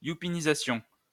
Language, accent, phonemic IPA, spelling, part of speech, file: French, France, /ju.pi.ni.za.sjɔ̃/, youpinisation, noun, LL-Q150 (fra)-youpinisation.wav
- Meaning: Jewification